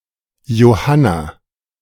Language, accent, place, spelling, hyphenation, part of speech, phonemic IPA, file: German, Germany, Berlin, Johanna, Jo‧han‧na, proper noun, /joˈhana/, De-Johanna.ogg
- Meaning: 1. a female given name from Latin, equivalent to English Jane 2. Joanna